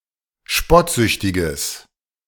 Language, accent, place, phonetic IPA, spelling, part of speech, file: German, Germany, Berlin, [ˈʃpɔtˌzʏçtɪɡəs], spottsüchtiges, adjective, De-spottsüchtiges.ogg
- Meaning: strong/mixed nominative/accusative neuter singular of spottsüchtig